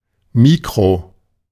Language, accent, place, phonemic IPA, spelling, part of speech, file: German, Germany, Berlin, /ˈmiːkʁo/, mikro-, prefix, De-mikro-.ogg
- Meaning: micro-